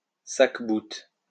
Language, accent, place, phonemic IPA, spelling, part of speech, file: French, France, Lyon, /sak.but/, sacqueboute, noun, LL-Q150 (fra)-sacqueboute.wav
- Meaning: sackbut